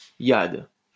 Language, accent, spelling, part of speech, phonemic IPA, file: French, France, Hyades, proper noun, /jad/, LL-Q150 (fra)-Hyades.wav
- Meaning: Hyades